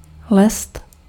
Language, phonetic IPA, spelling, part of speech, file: Czech, [ˈlɛst], lest, noun, Cs-lest.ogg
- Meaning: 1. trick, ruse 2. stratagem